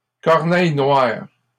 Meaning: carrion crow (Corvus corone)
- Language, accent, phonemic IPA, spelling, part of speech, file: French, Canada, /kɔʁ.nɛj nwaʁ/, corneille noire, noun, LL-Q150 (fra)-corneille noire.wav